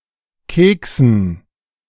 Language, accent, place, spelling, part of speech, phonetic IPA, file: German, Germany, Berlin, Keksen, noun, [ˈkeːksn̩], De-Keksen.ogg
- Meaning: dative plural of Keks